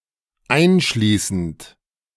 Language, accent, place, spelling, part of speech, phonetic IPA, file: German, Germany, Berlin, einschließend, verb, [ˈaɪ̯nˌʃliːsn̩t], De-einschließend.ogg
- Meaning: present participle of einschließen